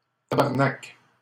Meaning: alternative form of tabarnak
- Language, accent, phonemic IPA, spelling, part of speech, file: French, Canada, /ta.baʁ.nak/, tabarnac, noun, LL-Q150 (fra)-tabarnac.wav